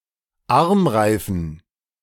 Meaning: dative plural of Armreif
- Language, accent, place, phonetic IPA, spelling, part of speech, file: German, Germany, Berlin, [ˈaʁmˌʁaɪ̯fn̩], Armreifen, noun, De-Armreifen.ogg